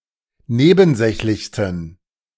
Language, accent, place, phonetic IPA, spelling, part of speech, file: German, Germany, Berlin, [ˈneːbn̩ˌzɛçlɪçstn̩], nebensächlichsten, adjective, De-nebensächlichsten.ogg
- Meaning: 1. superlative degree of nebensächlich 2. inflection of nebensächlich: strong genitive masculine/neuter singular superlative degree